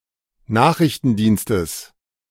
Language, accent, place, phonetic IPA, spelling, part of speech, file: German, Germany, Berlin, [ˈnaːxʁɪçtn̩ˌdiːnstəs], Nachrichtendienstes, noun, De-Nachrichtendienstes.ogg
- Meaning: genitive singular of Nachrichtendienst